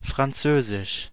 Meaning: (proper noun) French (language); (noun) French, fellatio
- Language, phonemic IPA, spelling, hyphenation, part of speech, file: German, /fʁanˈtsøːzɪʃ/, Französisch, Fran‧zö‧sisch, proper noun / noun, De-Französisch.ogg